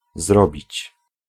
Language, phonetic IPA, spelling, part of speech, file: Polish, [ˈzrɔbʲit͡ɕ], zrobić, verb, Pl-zrobić.ogg